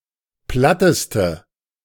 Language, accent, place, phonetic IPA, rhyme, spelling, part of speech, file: German, Germany, Berlin, [ˈplatəstə], -atəstə, platteste, adjective, De-platteste.ogg
- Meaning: inflection of platt: 1. strong/mixed nominative/accusative feminine singular superlative degree 2. strong nominative/accusative plural superlative degree